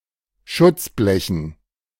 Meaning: dative plural of Schutzblech
- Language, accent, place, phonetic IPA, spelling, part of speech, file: German, Germany, Berlin, [ˈʃʊt͡sˌblɛçn̩], Schutzblechen, noun, De-Schutzblechen.ogg